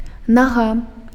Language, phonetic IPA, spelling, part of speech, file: Belarusian, [naˈɣa], нага, noun, Be-нага.ogg
- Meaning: 1. foot 2. leg